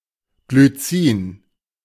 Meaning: glycine (amino acid)
- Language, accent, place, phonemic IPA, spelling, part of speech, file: German, Germany, Berlin, /ɡlyˈtsiːn/, Glycin, noun, De-Glycin.ogg